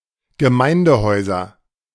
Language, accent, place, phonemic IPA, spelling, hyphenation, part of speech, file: German, Germany, Berlin, /ɡəˈmaɪ̯ndəˌhɔɪ̯zɐ/, Gemeindehäuser, Ge‧mein‧de‧häu‧ser, noun, De-Gemeindehäuser.ogg
- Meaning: nominative/accusative/genitive plural of Gemeindehaus